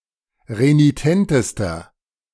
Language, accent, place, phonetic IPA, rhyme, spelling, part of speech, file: German, Germany, Berlin, [ʁeniˈtɛntəstɐ], -ɛntəstɐ, renitentester, adjective, De-renitentester.ogg
- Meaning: inflection of renitent: 1. strong/mixed nominative masculine singular superlative degree 2. strong genitive/dative feminine singular superlative degree 3. strong genitive plural superlative degree